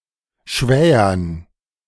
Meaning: dative plural of Schwäher
- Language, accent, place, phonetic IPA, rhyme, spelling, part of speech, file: German, Germany, Berlin, [ˈʃvɛːɐn], -ɛːɐn, Schwähern, noun, De-Schwähern.ogg